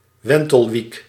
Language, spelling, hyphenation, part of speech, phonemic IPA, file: Dutch, wentelwiek, wen‧tel‧wiek, noun, /ˈʋɛn.təlˌʋik/, Nl-wentelwiek.ogg
- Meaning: 1. a helicopter 2. the rotor of a helicopter or a similar aircraft; the sail of a windmill